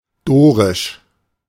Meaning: 1. Dorian 2. Doric
- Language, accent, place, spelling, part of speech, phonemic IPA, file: German, Germany, Berlin, dorisch, adjective, /ˈdoːʁɪʃ/, De-dorisch.ogg